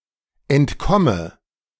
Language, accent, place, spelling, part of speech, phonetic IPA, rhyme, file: German, Germany, Berlin, entkomme, verb, [ɛntˈkɔmə], -ɔmə, De-entkomme.ogg
- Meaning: inflection of entkommen: 1. first-person singular present 2. first/third-person singular subjunctive I 3. singular imperative